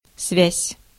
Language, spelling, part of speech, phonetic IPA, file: Russian, связь, noun, [svʲæsʲ], Ru-связь.ogg
- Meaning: 1. tie, relation, bond, contact 2. link, connection, liaison 3. signal 4. communication